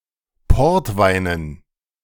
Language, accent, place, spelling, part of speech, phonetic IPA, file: German, Germany, Berlin, Portweinen, noun, [ˈpɔʁtˌvaɪ̯nən], De-Portweinen.ogg
- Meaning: dative plural of Portwein